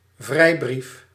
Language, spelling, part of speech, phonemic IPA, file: Dutch, vrijbrief, noun, /ˈvrɛibrif/, Nl-vrijbrief.ogg
- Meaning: 1. a written permit; originally, a historical license granted by a state to a freebooter to pirate non-allied states' ship 2. a free hand